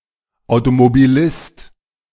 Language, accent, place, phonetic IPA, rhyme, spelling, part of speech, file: German, Germany, Berlin, [aʊ̯tomobiˈlɪst], -ɪst, Automobilist, noun, De-Automobilist.ogg
- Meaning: a person that drives a car; motorist